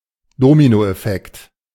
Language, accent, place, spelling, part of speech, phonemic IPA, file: German, Germany, Berlin, Dominoeffekt, noun, /ˈdoːminoʔɛˌfɛkt/, De-Dominoeffekt.ogg
- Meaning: domino effect